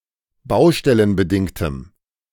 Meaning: strong dative masculine/neuter singular of baustellenbedingt
- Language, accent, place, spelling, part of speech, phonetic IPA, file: German, Germany, Berlin, baustellenbedingtem, adjective, [ˈbaʊ̯ʃtɛlənbəˌdɪŋtəm], De-baustellenbedingtem.ogg